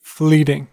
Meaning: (adjective) 1. Passing quickly; of short duration 2. That which flees, especially quickly; fugitive
- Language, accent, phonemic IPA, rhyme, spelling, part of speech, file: English, US, /ˈfliːtɪŋ/, -iːtɪŋ, fleeting, adjective / noun / verb, En-us-fleeting.ogg